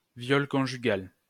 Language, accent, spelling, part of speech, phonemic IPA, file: French, France, viol conjugal, noun, /vjɔl kɔ̃.ʒy.ɡal/, LL-Q150 (fra)-viol conjugal.wav
- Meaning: marital rape